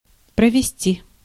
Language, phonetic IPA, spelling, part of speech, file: Russian, [prəvʲɪˈsʲtʲi], провести, verb, Ru-провести.ogg
- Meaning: 1. to lead, to conduct, to guide, to steer, to take 2. to lay, to construct, to build, to install a road, a pipe, a wire etc